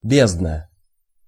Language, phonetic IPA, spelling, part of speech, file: Russian, [ˈbʲeznə], бездна, noun, Ru-бездна.ogg
- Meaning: 1. abyss, deep (a bottomless or unfathomed depth) 2. vast number